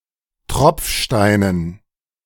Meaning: dative plural of Tropfstein
- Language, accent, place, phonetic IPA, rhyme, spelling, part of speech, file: German, Germany, Berlin, [ˈtʁɔp͡fˌʃtaɪ̯nən], -ɔp͡fʃtaɪ̯nən, Tropfsteinen, noun, De-Tropfsteinen.ogg